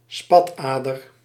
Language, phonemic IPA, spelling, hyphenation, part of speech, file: Dutch, /ˈspɑtˌaː.dər/, spatader, spat‧ader, noun, Nl-spatader.ogg
- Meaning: a varicose vein